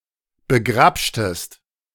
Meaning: inflection of begrabschen: 1. second-person singular preterite 2. second-person singular subjunctive II
- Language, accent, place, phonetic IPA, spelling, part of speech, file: German, Germany, Berlin, [bəˈɡʁapʃtəst], begrabschtest, verb, De-begrabschtest.ogg